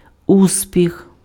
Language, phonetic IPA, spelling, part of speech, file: Ukrainian, [ˈusʲpʲix], успіх, noun, Uk-успіх.ogg
- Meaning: success